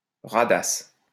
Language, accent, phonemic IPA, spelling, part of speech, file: French, France, /ʁa.das/, radasse, noun, LL-Q150 (fra)-radasse.wav
- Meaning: slut, prostitute